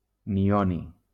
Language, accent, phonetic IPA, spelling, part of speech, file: Catalan, Valencia, [niˈɔ.ni], nihoni, noun, LL-Q7026 (cat)-nihoni.wav
- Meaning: nihonium